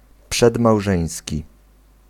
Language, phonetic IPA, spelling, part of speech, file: Polish, [ˌpʃɛdmawˈʒɛ̃j̃sʲci], przedmałżeński, adjective, Pl-przedmałżeński.ogg